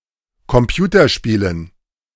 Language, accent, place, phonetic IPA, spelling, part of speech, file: German, Germany, Berlin, [kɔmˈpjuːtɐˌʃpiːlən], Computerspielen, noun, De-Computerspielen.ogg
- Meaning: dative plural of Computerspiel